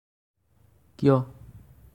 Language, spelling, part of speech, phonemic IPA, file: Assamese, কিয়, adverb, /kiɔ/, As-কিয়.ogg
- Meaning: why?